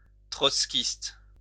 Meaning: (noun) Trotskyite (an advocate of the communist doctrines of Leon Trotsky); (adjective) Trotskyite
- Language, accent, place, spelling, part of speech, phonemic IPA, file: French, France, Lyon, trotskiste, noun / adjective, /tʁɔt.skist/, LL-Q150 (fra)-trotskiste.wav